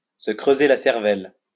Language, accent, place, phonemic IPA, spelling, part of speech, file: French, France, Lyon, /sə kʁø.ze la sɛʁ.vɛl/, se creuser la cervelle, verb, LL-Q150 (fra)-se creuser la cervelle.wav
- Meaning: to rack one's brain, to cudgel one's brain, to put one's thinking cap on